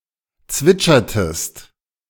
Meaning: inflection of zwitschern: 1. second-person singular preterite 2. second-person singular subjunctive II
- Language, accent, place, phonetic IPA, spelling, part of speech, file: German, Germany, Berlin, [ˈt͡svɪt͡ʃɐtəst], zwitschertest, verb, De-zwitschertest.ogg